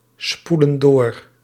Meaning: inflection of doorspoelen: 1. plural present indicative 2. plural present subjunctive
- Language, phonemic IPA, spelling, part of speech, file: Dutch, /ˈspulə(n) ˈdor/, spoelen door, verb, Nl-spoelen door.ogg